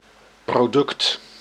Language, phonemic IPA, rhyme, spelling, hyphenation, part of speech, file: Dutch, /proːˈdʏkt/, -ʏkt, product, pro‧duct, noun, Nl-product.ogg
- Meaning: product